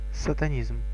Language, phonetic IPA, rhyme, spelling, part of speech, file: Russian, [sətɐˈnʲizm], -izm, сатанизм, noun, Ru-сатанизм.ogg
- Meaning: Satanism